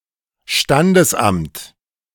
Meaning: register office
- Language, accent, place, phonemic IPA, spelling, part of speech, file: German, Germany, Berlin, /ˈʃtandəsʔamt/, Standesamt, noun, De-Standesamt.ogg